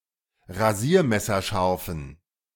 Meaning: inflection of rasiermesserscharf: 1. strong genitive masculine/neuter singular 2. weak/mixed genitive/dative all-gender singular 3. strong/weak/mixed accusative masculine singular
- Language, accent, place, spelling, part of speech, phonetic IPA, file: German, Germany, Berlin, rasiermesserscharfen, adjective, [ʁaˈziːɐ̯mɛsɐˌʃaʁfn̩], De-rasiermesserscharfen.ogg